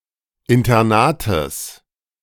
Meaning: genitive singular of Internat
- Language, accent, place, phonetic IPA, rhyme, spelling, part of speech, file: German, Germany, Berlin, [ɪntɐˈnaːtəs], -aːtəs, Internates, noun, De-Internates.ogg